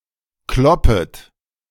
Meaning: second-person plural subjunctive I of kloppen
- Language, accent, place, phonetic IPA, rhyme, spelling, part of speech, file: German, Germany, Berlin, [ˈklɔpət], -ɔpət, kloppet, verb, De-kloppet.ogg